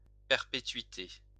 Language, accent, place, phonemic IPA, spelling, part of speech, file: French, France, Lyon, /pɛʁ.pe.tɥi.te/, perpétuité, noun, LL-Q150 (fra)-perpétuité.wav
- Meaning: perpetuity